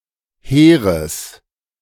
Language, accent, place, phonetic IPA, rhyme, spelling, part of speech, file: German, Germany, Berlin, [ˈheːʁəs], -eːʁəs, hehres, adjective, De-hehres.ogg
- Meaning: strong/mixed nominative/accusative neuter singular of hehr